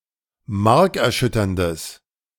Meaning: strong/mixed nominative/accusative neuter singular of markerschütternd
- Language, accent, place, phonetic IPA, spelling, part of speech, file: German, Germany, Berlin, [ˈmaʁkɛɐ̯ˌʃʏtɐndəs], markerschütterndes, adjective, De-markerschütterndes.ogg